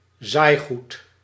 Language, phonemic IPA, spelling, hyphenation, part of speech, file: Dutch, /ˈzaːi̯.ɣut/, zaaigoed, zaai‧goed, noun, Nl-zaaigoed.ogg
- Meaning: seed intended for sowing